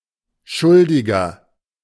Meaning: 1. one who is in moral debt, a sinner, trespasser 2. nominalization of schuldig: culprit, one who is guilty, culpable, at fault (male or unspecified sex)
- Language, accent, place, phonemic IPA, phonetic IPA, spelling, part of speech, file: German, Germany, Berlin, /ˈʃʊldɪɡər/, [ˈʃʊl.dɪ.ɡɐ], Schuldiger, noun, De-Schuldiger.ogg